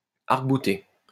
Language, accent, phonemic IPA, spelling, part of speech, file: French, France, /aʁk.bu.te/, arc-bouter, verb, LL-Q150 (fra)-arc-bouter.wav
- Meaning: 1. to buttress 2. to press, lean, brace [with à or contre ‘[up] against’] 3. to stand firm (in opposition to someone)